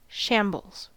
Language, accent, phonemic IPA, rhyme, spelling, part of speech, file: English, US, /ˈʃæmbəlz/, -æmbəlz, shambles, noun / verb, En-us-shambles.ogg
- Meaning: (noun) 1. A scene of great disorder or ruin 2. A great mess or clutter 3. A scene of bloodshed, carnage or devastation 4. A slaughterhouse 5. A butcher's shop